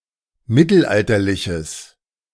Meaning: strong/mixed nominative/accusative neuter singular of mittelalterlich
- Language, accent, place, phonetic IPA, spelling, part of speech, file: German, Germany, Berlin, [ˈmɪtl̩ˌʔaltɐlɪçəs], mittelalterliches, adjective, De-mittelalterliches.ogg